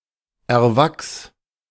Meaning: singular imperative of erwachsen
- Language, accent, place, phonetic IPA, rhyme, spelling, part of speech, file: German, Germany, Berlin, [ɛɐ̯ˈvaks], -aks, erwachs, verb, De-erwachs.ogg